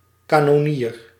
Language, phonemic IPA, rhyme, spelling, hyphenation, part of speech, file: Dutch, /ˌkaː.nɔˈniːr/, -iːr, kanonnier, ka‧non‧nier, noun, Nl-kanonnier.ogg
- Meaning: 1. a cannoneer (one who operates a cannon or other artillery piece) 2. an artilleryman (one who serves in an artillery unit)